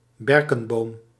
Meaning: a birch, tree of the genus Betula
- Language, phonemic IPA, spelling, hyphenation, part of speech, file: Dutch, /ˈbɛr.kə(n)ˌboːm/, berkenboom, ber‧ken‧boom, noun, Nl-berkenboom.ogg